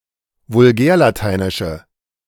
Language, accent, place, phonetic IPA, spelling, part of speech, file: German, Germany, Berlin, [vʊlˈɡɛːɐ̯laˌtaɪ̯nɪʃə], vulgärlateinische, adjective, De-vulgärlateinische.ogg
- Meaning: inflection of vulgärlateinisch: 1. strong/mixed nominative/accusative feminine singular 2. strong nominative/accusative plural 3. weak nominative all-gender singular